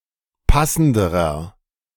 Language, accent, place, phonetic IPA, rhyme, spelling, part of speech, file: German, Germany, Berlin, [ˈpasn̩dəʁɐ], -asn̩dəʁɐ, passenderer, adjective, De-passenderer.ogg
- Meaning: inflection of passend: 1. strong/mixed nominative masculine singular comparative degree 2. strong genitive/dative feminine singular comparative degree 3. strong genitive plural comparative degree